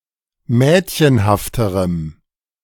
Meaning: strong dative masculine/neuter singular comparative degree of mädchenhaft
- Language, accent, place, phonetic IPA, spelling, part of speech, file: German, Germany, Berlin, [ˈmɛːtçənhaftəʁəm], mädchenhafterem, adjective, De-mädchenhafterem.ogg